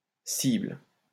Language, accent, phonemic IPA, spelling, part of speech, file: French, France, /sibl/, cible, noun / verb, LL-Q150 (fra)-cible.wav
- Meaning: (noun) 1. target 2. aim, goal; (verb) inflection of cibler: 1. first/third-person singular present indicative/subjunctive 2. second-person singular imperative